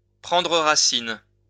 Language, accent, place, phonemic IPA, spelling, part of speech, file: French, France, Lyon, /pʁɑ̃.dʁə ʁa.sin/, prendre racine, verb, LL-Q150 (fra)-prendre racine.wav
- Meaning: 1. to take root, to put down roots 2. to take hold, to take root, to put down roots